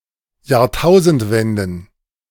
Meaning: plural of Jahrtausendwende
- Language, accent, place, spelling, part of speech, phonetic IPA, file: German, Germany, Berlin, Jahrtausendwenden, noun, [jaːɐ̯ˈtaʊ̯zn̩tˌvɛndn̩], De-Jahrtausendwenden.ogg